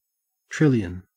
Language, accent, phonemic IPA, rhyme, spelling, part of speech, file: English, Australia, /ˈtɹɪljən/, -ɪljən, trillion, numeral / noun, En-au-trillion.ogg
- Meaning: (numeral) Either of two large amounts: 1. A million (times a) million: 1 followed by twelve zeros, 10¹² 2. A million (times a) million (times a) million: 1 followed by eighteen zeros, 10¹⁸